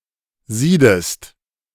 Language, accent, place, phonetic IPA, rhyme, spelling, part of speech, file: German, Germany, Berlin, [ˈziːdəst], -iːdəst, siedest, verb, De-siedest.ogg
- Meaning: inflection of sieden: 1. second-person singular present 2. second-person singular subjunctive I